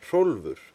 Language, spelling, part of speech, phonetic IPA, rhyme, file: Icelandic, Hrólfur, proper noun, [ˈr̥oulvʏr], -oulvʏr, Is-Hrólfur.ogg
- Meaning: a male given name, equivalent to English Rudolph or German Rolf